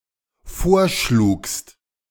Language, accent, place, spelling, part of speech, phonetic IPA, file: German, Germany, Berlin, vorschlugst, verb, [ˈfoːɐ̯ˌʃluːkst], De-vorschlugst.ogg
- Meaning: second-person singular dependent preterite of vorschlagen